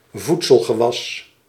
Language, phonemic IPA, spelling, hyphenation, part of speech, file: Dutch, /ˈvut.səl.ɣəˌʋɑs/, voedselgewas, voed‧sel‧ge‧was, noun, Nl-voedselgewas.ogg
- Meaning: a food crop